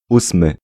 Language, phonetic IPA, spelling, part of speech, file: Polish, [ˈusmɨ], ósmy, adjective / noun, Pl-ósmy.ogg